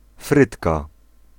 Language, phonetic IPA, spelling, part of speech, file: Polish, [ˈfrɨtka], frytka, noun, Pl-frytka.ogg